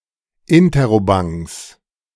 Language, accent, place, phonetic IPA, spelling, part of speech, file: German, Germany, Berlin, [ˈɪntəʁoˌbaŋs], Interrobangs, noun, De-Interrobangs.ogg
- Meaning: 1. genitive singular of Interrobang 2. plural of Interrobang